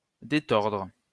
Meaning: to untwist
- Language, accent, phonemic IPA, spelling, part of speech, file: French, France, /de.tɔʁdʁ/, détordre, verb, LL-Q150 (fra)-détordre.wav